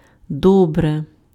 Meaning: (adverb) 1. well 2. very much, a lot (used with verbs) 3. B (academic grade); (interjection) OK, all right; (adjective) neuter nominative/accusative singular of до́брий (dóbryj)
- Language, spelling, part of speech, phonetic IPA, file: Ukrainian, добре, adverb / interjection / adjective, [ˈdɔbre], Uk-добре.ogg